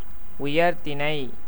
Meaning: 1. a high-caste or noble family 2. rational nouns or pronouns, nouns or pronouns denoting humans, deities and demons
- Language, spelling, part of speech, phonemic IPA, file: Tamil, உயர்திணை, noun, /ʊjɐɾd̪ɪɳɐɪ̯/, Ta-உயர்திணை.ogg